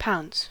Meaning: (noun) A type of fine powder, as of sandarac, or cuttlefish bone, sprinkled over wet ink to dry the ink after writing or on rough paper to smooth the writing surface
- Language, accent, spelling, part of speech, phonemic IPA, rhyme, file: English, US, pounce, noun / verb, /paʊns/, -aʊns, En-us-pounce.ogg